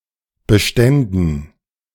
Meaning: first/third-person plural subjunctive II of bestehen
- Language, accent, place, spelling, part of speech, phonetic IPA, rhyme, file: German, Germany, Berlin, beständen, verb, [bəˈʃtɛndn̩], -ɛndn̩, De-beständen.ogg